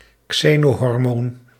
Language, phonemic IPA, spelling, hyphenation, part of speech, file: Dutch, /ˈkseː.noː.ɦɔrˌmoːn/, xenohormoon, xe‧no‧hor‧moon, noun, Nl-xenohormoon.ogg
- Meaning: xenohormone